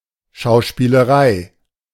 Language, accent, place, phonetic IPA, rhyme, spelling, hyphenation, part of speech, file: German, Germany, Berlin, [ʃaʊ̯ʃpiːləˈʁaɪ̯], -aɪ̯, Schauspielerei, Schau‧spie‧le‧rei, noun, De-Schauspielerei.ogg
- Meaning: 1. acting profession 2. acting, playacting